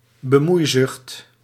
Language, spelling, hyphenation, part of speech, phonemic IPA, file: Dutch, bemoeizucht, be‧moei‧zucht, noun, /bəˈmui̯ˌzʏxt/, Nl-bemoeizucht.ogg
- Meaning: intrusiveness, meddlesomeness; a strong desire to meddle with other people's business